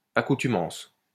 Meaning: 1. habit, custom 2. habituation, addiction, dependence, acquired tolerance
- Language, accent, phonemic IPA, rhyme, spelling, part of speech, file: French, France, /a.ku.ty.mɑ̃s/, -ɑ̃s, accoutumance, noun, LL-Q150 (fra)-accoutumance.wav